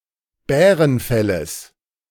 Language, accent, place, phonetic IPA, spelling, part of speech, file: German, Germany, Berlin, [ˈbɛːʁənˌfɛləs], Bärenfelles, noun, De-Bärenfelles.ogg
- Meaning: genitive singular of Bärenfell